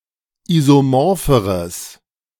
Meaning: strong/mixed nominative/accusative neuter singular comparative degree of isomorph
- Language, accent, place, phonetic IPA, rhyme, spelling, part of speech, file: German, Germany, Berlin, [ˌizoˈmɔʁfəʁəs], -ɔʁfəʁəs, isomorpheres, adjective, De-isomorpheres.ogg